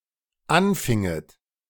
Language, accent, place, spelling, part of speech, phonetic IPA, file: German, Germany, Berlin, anfinget, verb, [ˈanˌfɪŋət], De-anfinget.ogg
- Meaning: second-person plural dependent subjunctive II of anfangen